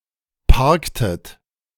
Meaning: inflection of parken: 1. second-person plural preterite 2. second-person plural subjunctive II
- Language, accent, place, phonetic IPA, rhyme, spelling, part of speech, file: German, Germany, Berlin, [ˈpaʁktət], -aʁktət, parktet, verb, De-parktet.ogg